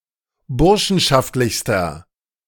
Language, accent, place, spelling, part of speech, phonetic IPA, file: German, Germany, Berlin, burschenschaftlichster, adjective, [ˈbʊʁʃn̩ʃaftlɪçstɐ], De-burschenschaftlichster.ogg
- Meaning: inflection of burschenschaftlich: 1. strong/mixed nominative masculine singular superlative degree 2. strong genitive/dative feminine singular superlative degree